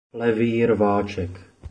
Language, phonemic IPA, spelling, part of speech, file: Czech, /ˈlɛviː ˈrvaːt͡ʃɛk/, levý rváček, phrase, Cs-levý rváček.oga
- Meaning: blindside flanker